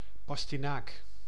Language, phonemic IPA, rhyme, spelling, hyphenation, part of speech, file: Dutch, /ˌpɑs.tiˈnaːk/, -aːk, pastinaak, pas‧ti‧naak, noun, Nl-pastinaak.ogg
- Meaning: parsnip (Pastinaca sativa)